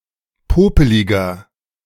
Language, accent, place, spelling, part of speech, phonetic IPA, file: German, Germany, Berlin, popeliger, adjective, [ˈpoːpəlɪɡɐ], De-popeliger.ogg
- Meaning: 1. comparative degree of popelig 2. inflection of popelig: strong/mixed nominative masculine singular 3. inflection of popelig: strong genitive/dative feminine singular